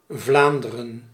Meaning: 1. Flanders (a cultural region in the north of Belgium) 2. Flanders (a historical county of Western Europe; in full, County of Flanders)
- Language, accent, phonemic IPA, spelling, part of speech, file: Dutch, Belgium, /ˈvlaːndərə(n)/, Vlaanderen, proper noun, Nl-Vlaanderen.ogg